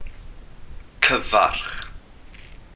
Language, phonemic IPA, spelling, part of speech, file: Welsh, /ˈkəvarχ/, cyfarch, verb / noun, Cy-cyfarch.ogg
- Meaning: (verb) 1. to greet 2. to address, to speak to; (noun) greeting